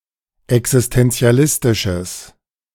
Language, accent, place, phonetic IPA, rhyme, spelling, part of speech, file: German, Germany, Berlin, [ɛksɪstɛnt͡si̯aˈlɪstɪʃəs], -ɪstɪʃəs, existenzialistisches, adjective, De-existenzialistisches.ogg
- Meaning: strong/mixed nominative/accusative neuter singular of existenzialistisch